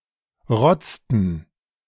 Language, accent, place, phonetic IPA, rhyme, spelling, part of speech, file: German, Germany, Berlin, [ˈʁɔt͡stn̩], -ɔt͡stn̩, rotzten, verb, De-rotzten.ogg
- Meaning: inflection of rotzen: 1. first/third-person plural preterite 2. first/third-person plural subjunctive II